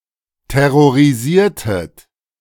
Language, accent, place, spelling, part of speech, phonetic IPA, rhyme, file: German, Germany, Berlin, terrorisiertet, verb, [tɛʁoʁiˈziːɐ̯tət], -iːɐ̯tət, De-terrorisiertet.ogg
- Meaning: inflection of terrorisieren: 1. second-person plural preterite 2. second-person plural subjunctive II